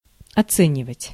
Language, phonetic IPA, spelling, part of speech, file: Russian, [ɐˈt͡sɛnʲɪvətʲ], оценивать, verb, Ru-оценивать.ogg
- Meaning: 1. to appraise, to price 2. to rate 3. to evaluate, to estimate